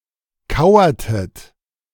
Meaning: inflection of kauern: 1. second-person plural preterite 2. second-person plural subjunctive II
- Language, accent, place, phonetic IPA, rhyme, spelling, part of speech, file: German, Germany, Berlin, [ˈkaʊ̯ɐtət], -aʊ̯ɐtət, kauertet, verb, De-kauertet.ogg